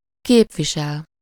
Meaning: to represent
- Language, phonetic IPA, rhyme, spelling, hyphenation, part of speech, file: Hungarian, [ˈkeːpviʃɛl], -ɛl, képvisel, kép‧vi‧sel, verb, Hu-képvisel.ogg